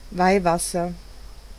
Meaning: holy water
- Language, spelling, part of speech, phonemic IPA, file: German, Weihwasser, noun, /ˈvaɪ̯ˌvasɐ/, De-Weihwasser.ogg